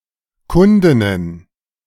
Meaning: plural of Kundin
- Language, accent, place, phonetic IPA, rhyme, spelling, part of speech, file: German, Germany, Berlin, [ˈkʊndɪnən], -ʊndɪnən, Kundinnen, noun, De-Kundinnen.ogg